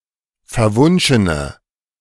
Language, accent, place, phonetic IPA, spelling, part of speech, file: German, Germany, Berlin, [fɛɐ̯ˈvʊnʃənə], verwunschene, adjective, De-verwunschene.ogg
- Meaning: inflection of verwunschen: 1. strong/mixed nominative/accusative feminine singular 2. strong nominative/accusative plural 3. weak nominative all-gender singular